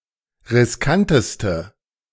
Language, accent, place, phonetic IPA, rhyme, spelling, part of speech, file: German, Germany, Berlin, [ʁɪsˈkantəstə], -antəstə, riskanteste, adjective, De-riskanteste.ogg
- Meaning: inflection of riskant: 1. strong/mixed nominative/accusative feminine singular superlative degree 2. strong nominative/accusative plural superlative degree